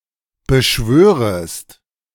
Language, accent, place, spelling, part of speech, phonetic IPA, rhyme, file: German, Germany, Berlin, beschwörest, verb, [bəˈʃvøːʁəst], -øːʁəst, De-beschwörest.ogg
- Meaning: second-person singular subjunctive I of beschwören